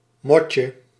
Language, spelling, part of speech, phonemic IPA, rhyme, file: Dutch, motje, noun, /ˈmɔ.tjə/, -ɔtjə, Nl-motje.ogg
- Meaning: diminutive of mot